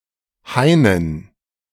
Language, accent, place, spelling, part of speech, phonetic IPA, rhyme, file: German, Germany, Berlin, Hainen, noun, [ˈhaɪ̯nən], -aɪ̯nən, De-Hainen.ogg
- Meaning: dative plural of Hain